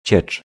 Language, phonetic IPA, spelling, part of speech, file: Polish, [t͡ɕɛt͡ʃ], ciecz, noun, Pl-ciecz.ogg